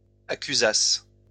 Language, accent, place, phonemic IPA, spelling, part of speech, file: French, France, Lyon, /a.ky.zas/, accusasse, verb, LL-Q150 (fra)-accusasse.wav
- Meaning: first-person singular imperfect subjunctive of accuser